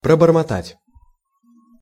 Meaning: to mutter, to murmur, to babble
- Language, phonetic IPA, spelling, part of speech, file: Russian, [prəbərmɐˈtatʲ], пробормотать, verb, Ru-пробормотать.ogg